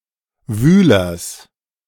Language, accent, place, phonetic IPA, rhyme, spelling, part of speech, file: German, Germany, Berlin, [ˈvyːlɐs], -yːlɐs, Wühlers, noun, De-Wühlers.ogg
- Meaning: genitive of Wühler